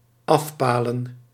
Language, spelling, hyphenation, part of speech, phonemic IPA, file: Dutch, afpalen, af‧pa‧len, verb, /ˈɑfˌpaː.lə(n)/, Nl-afpalen.ogg
- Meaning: 1. to enclose 2. to mark with posts